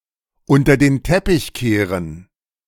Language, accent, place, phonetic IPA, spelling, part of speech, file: German, Germany, Berlin, [ˈʊntɐ deːn ˈtɛpɪç ˈkeːʁən], unter den Teppich kehren, verb, De-unter den Teppich kehren.ogg
- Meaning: sweep something under the rug